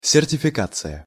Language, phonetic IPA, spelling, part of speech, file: Russian, [sʲɪrtʲɪfʲɪˈkat͡sɨjə], сертификация, noun, Ru-сертификация.ogg
- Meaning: certification (verbal nominal)